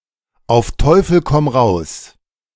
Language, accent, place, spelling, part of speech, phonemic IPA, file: German, Germany, Berlin, auf Teufel komm raus, adverb, /ˌʔaʊf ˈtɔʏfəl ˌkɔm ˈʁaʊs/, De-auf Teufel komm raus.ogg
- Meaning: by hook or by crook